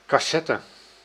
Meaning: 1. an audio cassette 2. any of various other cassette storage media 3. a case for a film reel 4. a coffer (sunken panel in a ceiling) 5. a small chest, case or moneybox
- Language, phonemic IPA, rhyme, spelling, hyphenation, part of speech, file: Dutch, /ˌkɑˈsɛ.tə/, -ɛtə, cassette, cas‧set‧te, noun, Nl-cassette.ogg